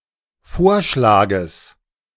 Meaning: genitive singular of Vorschlag
- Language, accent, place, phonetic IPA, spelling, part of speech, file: German, Germany, Berlin, [ˈfoːɐ̯ʃlaːɡəs], Vorschlages, noun, De-Vorschlages.ogg